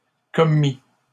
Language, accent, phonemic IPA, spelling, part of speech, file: French, Canada, /kɔ.mi/, commît, verb, LL-Q150 (fra)-commît.wav
- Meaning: third-person singular imperfect subjunctive of commettre